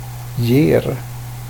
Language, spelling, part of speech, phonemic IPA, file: Swedish, ger, verb, /jeːr/, Sv-ger.ogg
- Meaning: present indicative of ge, contracted from the archaic giver